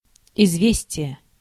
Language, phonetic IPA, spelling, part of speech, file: Russian, [ɪzˈvʲesʲtʲɪje], известие, noun, Ru-известие.ogg
- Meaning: news, tidings